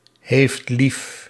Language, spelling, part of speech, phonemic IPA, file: Dutch, heeft lief, verb, /ɦeːft/, Nl-heeft lief.ogg
- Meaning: inflection of liefhebben: 1. second-person (u) singular present indicative 2. third-person singular present indicative